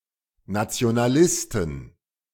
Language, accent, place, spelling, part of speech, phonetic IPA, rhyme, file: German, Germany, Berlin, Nationalisten, noun, [nat͡si̯onaˈlɪstn̩], -ɪstn̩, De-Nationalisten.ogg
- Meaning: plural of Nationalist